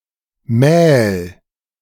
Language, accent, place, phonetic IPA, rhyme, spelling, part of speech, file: German, Germany, Berlin, [mɛːl], -ɛːl, mähl, verb, De-mähl.ogg
- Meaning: singular imperative of mählen